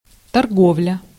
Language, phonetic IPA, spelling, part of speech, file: Russian, [tɐrˈɡovlʲə], торговля, noun, Ru-торговля.ogg
- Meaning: trade, commerce, sale, business